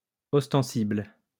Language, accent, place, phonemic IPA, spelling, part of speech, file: French, France, Lyon, /ɔs.tɑ̃.sibl/, ostensible, adjective, LL-Q150 (fra)-ostensible.wav
- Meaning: apparent